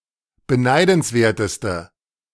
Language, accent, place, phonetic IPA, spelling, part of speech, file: German, Germany, Berlin, [bəˈnaɪ̯dn̩sˌveːɐ̯təstə], beneidenswerteste, adjective, De-beneidenswerteste.ogg
- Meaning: inflection of beneidenswert: 1. strong/mixed nominative/accusative feminine singular superlative degree 2. strong nominative/accusative plural superlative degree